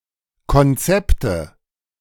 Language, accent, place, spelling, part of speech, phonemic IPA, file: German, Germany, Berlin, Konzepte, noun, /kɔnˈtsɛptə/, De-Konzepte.ogg
- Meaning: nominative/accusative/genitive plural of Konzept (“concepts”)